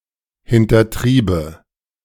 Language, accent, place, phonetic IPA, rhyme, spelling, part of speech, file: German, Germany, Berlin, [hɪntɐˈtʁiːbə], -iːbə, hintertriebe, verb, De-hintertriebe.ogg
- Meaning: first/third-person singular subjunctive II of hintertreiben